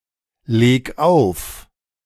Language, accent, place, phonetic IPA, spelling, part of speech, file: German, Germany, Berlin, [ˌleːk ˈaʊ̯f], leg auf, verb, De-leg auf.ogg
- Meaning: 1. singular imperative of auflegen 2. first-person singular present of auflegen